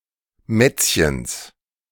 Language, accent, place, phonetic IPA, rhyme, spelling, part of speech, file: German, Germany, Berlin, [ˈmɛt͡sçəns], -ɛt͡sçəns, Mätzchens, noun, De-Mätzchens.ogg
- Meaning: genitive singular of Mätzchen